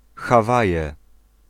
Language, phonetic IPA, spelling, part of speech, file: Polish, [xaˈvajɛ], Hawaje, proper noun, Pl-Hawaje.ogg